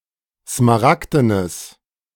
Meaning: strong/mixed nominative/accusative neuter singular of smaragden
- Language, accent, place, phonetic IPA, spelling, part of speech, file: German, Germany, Berlin, [smaˈʁakdənəs], smaragdenes, adjective, De-smaragdenes.ogg